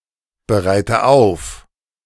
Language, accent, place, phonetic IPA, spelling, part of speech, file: German, Germany, Berlin, [bəˌʁaɪ̯tə ˈaʊ̯f], bereite auf, verb, De-bereite auf.ogg
- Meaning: inflection of aufbereiten: 1. first-person singular present 2. first/third-person singular subjunctive I 3. singular imperative